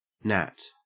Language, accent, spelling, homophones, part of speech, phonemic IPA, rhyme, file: English, Australia, Nat, gnat, proper noun / noun, /næt/, -æt, En-au-Nat.ogg
- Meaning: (proper noun) A unisex given name.: 1. A diminutive of the male given name Nathanael, Nathaniel, Nathan 2. A diminutive of the female given name Natasha, Natalie, Natalia